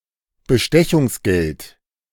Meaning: bribe
- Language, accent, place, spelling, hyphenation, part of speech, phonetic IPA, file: German, Germany, Berlin, Bestechungsgeld, Be‧ste‧chungs‧geld, noun, [bəˈʃtɛçʊŋsˌɡɛlt], De-Bestechungsgeld.ogg